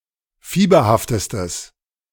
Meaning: strong/mixed nominative/accusative neuter singular superlative degree of fieberhaft
- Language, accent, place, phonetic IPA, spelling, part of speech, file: German, Germany, Berlin, [ˈfiːbɐhaftəstəs], fieberhaftestes, adjective, De-fieberhaftestes.ogg